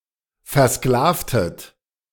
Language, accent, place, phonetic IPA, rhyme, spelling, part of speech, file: German, Germany, Berlin, [ˌfɛɐ̯ˈsklaːftət], -aːftət, versklavtet, verb, De-versklavtet.ogg
- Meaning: inflection of versklaven: 1. second-person plural preterite 2. second-person plural subjunctive II